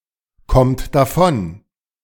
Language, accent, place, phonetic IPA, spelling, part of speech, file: German, Germany, Berlin, [ˌkɔmt daˈfɔn], kommt davon, verb, De-kommt davon.ogg
- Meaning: inflection of davonkommen: 1. third-person singular present 2. second-person plural present 3. plural imperative